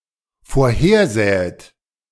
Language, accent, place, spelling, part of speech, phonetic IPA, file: German, Germany, Berlin, vorhersähet, verb, [foːɐ̯ˈheːɐ̯ˌzɛːət], De-vorhersähet.ogg
- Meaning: second-person plural dependent subjunctive II of vorhersehen